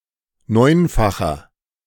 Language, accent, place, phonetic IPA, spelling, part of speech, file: German, Germany, Berlin, [ˈnɔɪ̯nfaxɐ], neunfacher, adjective, De-neunfacher.ogg
- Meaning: inflection of neunfach: 1. strong/mixed nominative masculine singular 2. strong genitive/dative feminine singular 3. strong genitive plural